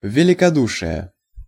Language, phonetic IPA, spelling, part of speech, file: Russian, [vʲɪlʲɪkɐˈduʂɨje], великодушие, noun, Ru-великодушие.ogg
- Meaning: magnanimity; generosity